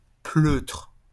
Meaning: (noun) coward; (adjective) cowardly
- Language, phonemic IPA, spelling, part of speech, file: French, /pløtʁ/, pleutre, noun / adjective, LL-Q150 (fra)-pleutre.wav